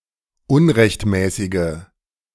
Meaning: inflection of unrechtmäßig: 1. strong/mixed nominative/accusative feminine singular 2. strong nominative/accusative plural 3. weak nominative all-gender singular
- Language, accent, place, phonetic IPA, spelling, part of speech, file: German, Germany, Berlin, [ˈʊnʁɛçtˌmɛːsɪɡə], unrechtmäßige, adjective, De-unrechtmäßige.ogg